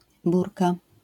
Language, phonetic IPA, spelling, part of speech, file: Polish, [ˈburka], burka, noun, LL-Q809 (pol)-burka.wav